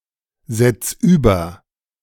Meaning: singular imperative of übersetzen
- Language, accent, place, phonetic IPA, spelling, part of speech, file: German, Germany, Berlin, [ˌzɛt͡s ˈyːbɐ], setz über, verb, De-setz über.ogg